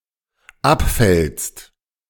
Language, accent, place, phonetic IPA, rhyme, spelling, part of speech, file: German, Germany, Berlin, [ˈapˌfɛlst], -apfɛlst, abfällst, verb, De-abfällst.ogg
- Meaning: second-person singular dependent present of abfallen